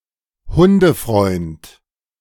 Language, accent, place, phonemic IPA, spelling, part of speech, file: German, Germany, Berlin, /ˈhʊndəˌfʁɔɪ̯nt/, Hundefreund, noun, De-Hundefreund.ogg
- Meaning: doglover